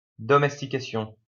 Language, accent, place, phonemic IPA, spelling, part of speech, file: French, France, Lyon, /dɔ.mɛs.ti.ka.sjɔ̃/, domestication, noun, LL-Q150 (fra)-domestication.wav
- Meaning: domestication (action of taming wild animals or breeding plants)